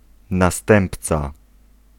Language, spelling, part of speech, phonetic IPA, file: Polish, następca, noun, [naˈstɛ̃mpt͡sa], Pl-następca.ogg